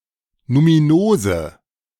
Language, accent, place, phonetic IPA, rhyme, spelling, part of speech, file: German, Germany, Berlin, [numiˈnoːzə], -oːzə, numinose, adjective, De-numinose.ogg
- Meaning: inflection of numinos: 1. strong/mixed nominative/accusative feminine singular 2. strong nominative/accusative plural 3. weak nominative all-gender singular 4. weak accusative feminine/neuter singular